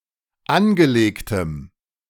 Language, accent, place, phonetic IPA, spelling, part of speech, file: German, Germany, Berlin, [ˈanɡəˌleːktəm], angelegtem, adjective, De-angelegtem.ogg
- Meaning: strong dative masculine/neuter singular of angelegt